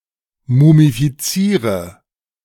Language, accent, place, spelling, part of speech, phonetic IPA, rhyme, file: German, Germany, Berlin, mumifiziere, verb, [mumifiˈt͡siːʁə], -iːʁə, De-mumifiziere.ogg
- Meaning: inflection of mumifizieren: 1. first-person singular present 2. singular imperative 3. first/third-person singular subjunctive I